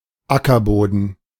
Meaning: 1. soil 2. farmland
- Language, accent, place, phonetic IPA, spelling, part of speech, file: German, Germany, Berlin, [ˈakɐˌboːdn̩], Ackerboden, noun, De-Ackerboden.ogg